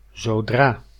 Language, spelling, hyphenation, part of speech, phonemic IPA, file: Dutch, zodra, zo‧dra, conjunction, /zoːˈdraː/, Nl-zodra.ogg
- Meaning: as soon as